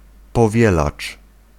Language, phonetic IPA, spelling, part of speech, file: Polish, [pɔˈvʲjɛlat͡ʃ], powielacz, noun, Pl-powielacz.ogg